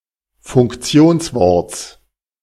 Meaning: genitive singular of Funktionswort
- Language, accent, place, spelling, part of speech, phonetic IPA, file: German, Germany, Berlin, Funktionsworts, noun, [fʊŋkˈt͡si̯oːnsˌvɔʁt͡s], De-Funktionsworts.ogg